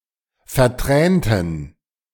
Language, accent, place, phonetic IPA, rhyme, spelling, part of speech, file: German, Germany, Berlin, [fɛɐ̯ˈtʁɛːntn̩], -ɛːntn̩, vertränten, adjective, De-vertränten.ogg
- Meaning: inflection of vertränt: 1. strong genitive masculine/neuter singular 2. weak/mixed genitive/dative all-gender singular 3. strong/weak/mixed accusative masculine singular 4. strong dative plural